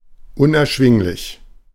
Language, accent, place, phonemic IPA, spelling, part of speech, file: German, Germany, Berlin, /ʊnʔɛɐ̯ˈʃvɪŋlɪç/, unerschwinglich, adjective, De-unerschwinglich.ogg
- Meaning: prohibitive, exorbitant, unaffordable (very expensive)